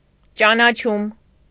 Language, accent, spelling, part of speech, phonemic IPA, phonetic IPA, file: Armenian, Eastern Armenian, ճանաչում, noun, /t͡ʃɑnɑˈt͡ʃʰum/, [t͡ʃɑnɑt͡ʃʰúm], Hy-ճանաչում.ogg
- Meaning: recognition